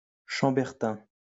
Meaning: Chambertin (wine)
- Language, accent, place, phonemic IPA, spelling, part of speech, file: French, France, Lyon, /ʃɑ̃.bɛʁ.tɛ̃/, chambertin, noun, LL-Q150 (fra)-chambertin.wav